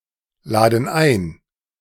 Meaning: inflection of einladen: 1. first/third-person plural present 2. first/third-person plural subjunctive I
- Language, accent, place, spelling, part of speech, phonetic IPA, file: German, Germany, Berlin, laden ein, verb, [ˌlaːdn̩ ˈaɪ̯n], De-laden ein.ogg